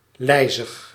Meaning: 1. slow, sluggish 2. dragging
- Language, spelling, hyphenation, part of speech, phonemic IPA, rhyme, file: Dutch, lijzig, lij‧zig, adjective, /ˈlɛi̯.zəx/, -ɛi̯zəx, Nl-lijzig.ogg